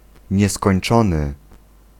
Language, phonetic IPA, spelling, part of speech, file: Polish, [ˌɲɛskɔ̃j̃n͇ˈt͡ʃɔ̃nɨ], nieskończony, adjective, Pl-nieskończony.ogg